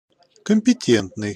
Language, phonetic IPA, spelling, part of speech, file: Russian, [kəm⁽ʲ⁾pʲɪˈtʲentnɨj], компетентный, adjective, Ru-компетентный.ogg
- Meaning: competent